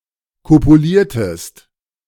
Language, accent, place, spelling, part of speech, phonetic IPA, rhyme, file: German, Germany, Berlin, kopuliertest, verb, [ˌkopuˈliːɐ̯təst], -iːɐ̯təst, De-kopuliertest.ogg
- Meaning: inflection of kopulieren: 1. second-person singular preterite 2. second-person singular subjunctive II